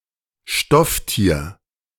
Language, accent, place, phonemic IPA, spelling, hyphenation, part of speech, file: German, Germany, Berlin, /ˈʃtɔfˌtiːɐ̯/, Stofftier, Stoff‧tier, noun, De-Stofftier.ogg
- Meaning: stuffed animal, soft toy